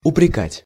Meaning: to reproach, to upbraid, to blame
- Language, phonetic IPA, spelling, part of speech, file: Russian, [ʊprʲɪˈkatʲ], упрекать, verb, Ru-упрекать.ogg